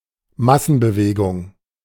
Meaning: movement with many people; mass movement
- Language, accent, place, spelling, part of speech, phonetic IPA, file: German, Germany, Berlin, Massenbewegung, noun, [ˈmasn̩bəˌveːɡʊŋ], De-Massenbewegung.ogg